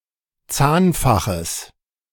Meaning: genitive singular of Zahnfach
- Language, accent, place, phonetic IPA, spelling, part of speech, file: German, Germany, Berlin, [ˈt͡saːnˌfaxəs], Zahnfaches, noun, De-Zahnfaches.ogg